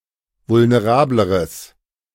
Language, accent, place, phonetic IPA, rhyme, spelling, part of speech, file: German, Germany, Berlin, [vʊlneˈʁaːbləʁəs], -aːbləʁəs, vulnerableres, adjective, De-vulnerableres.ogg
- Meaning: strong/mixed nominative/accusative neuter singular comparative degree of vulnerabel